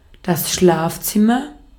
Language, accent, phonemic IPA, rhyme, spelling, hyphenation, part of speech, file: German, Austria, /ˈʃlaːfˌt͡sɪmɐ/, -ɪmɐ, Schlafzimmer, Schlaf‧zim‧mer, noun, De-at-Schlafzimmer.ogg
- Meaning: bedroom (bed-room), bedchamber (bed-chamber)